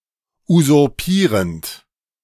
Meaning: present participle of usurpieren
- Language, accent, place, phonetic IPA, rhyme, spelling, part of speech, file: German, Germany, Berlin, [uzʊʁˈpiːʁənt], -iːʁənt, usurpierend, verb, De-usurpierend.ogg